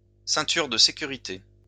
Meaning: seatbelt, safety belt
- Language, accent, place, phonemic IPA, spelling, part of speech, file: French, France, Lyon, /sɛ̃.tyʁ də se.ky.ʁi.te/, ceinture de sécurité, noun, LL-Q150 (fra)-ceinture de sécurité.wav